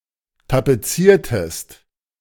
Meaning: inflection of tapezieren: 1. second-person singular preterite 2. second-person singular subjunctive II
- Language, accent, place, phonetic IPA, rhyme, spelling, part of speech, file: German, Germany, Berlin, [tapeˈt͡siːɐ̯təst], -iːɐ̯təst, tapeziertest, verb, De-tapeziertest.ogg